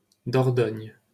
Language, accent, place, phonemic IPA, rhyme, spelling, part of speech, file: French, France, Paris, /dɔʁ.dɔɲ/, -ɔɲ, Dordogne, proper noun, LL-Q150 (fra)-Dordogne.wav
- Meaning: Dordogne (a department in Nouvelle-Aquitaine, southwestern France)